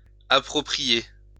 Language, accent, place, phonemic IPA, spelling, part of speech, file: French, France, Lyon, /a.pʁɔ.pʁi.je/, approprier, verb, LL-Q150 (fra)-approprier.wav
- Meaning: 1. to adapt (something) to a situation 2. to seize, take 3. to make one's own